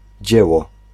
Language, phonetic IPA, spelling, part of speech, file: Polish, [ˈd͡ʑɛwɔ], dzieło, noun, Pl-dzieło.ogg